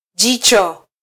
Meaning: eye (organ of vision)
- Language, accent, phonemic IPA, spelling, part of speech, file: Swahili, Kenya, /ˈʄi.tʃɔ/, jicho, noun, Sw-ke-jicho.flac